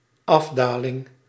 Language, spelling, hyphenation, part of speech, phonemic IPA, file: Dutch, afdaling, af‧da‧ling, noun, /ˈɑfˌdaː.lɪŋ/, Nl-afdaling.ogg
- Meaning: 1. descent 2. downhill (alpine skiing discipline)